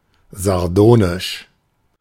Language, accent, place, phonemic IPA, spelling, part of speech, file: German, Germany, Berlin, /zaʁˈdoːnɪʃ/, sardonisch, adjective, De-sardonisch.ogg
- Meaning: sardonic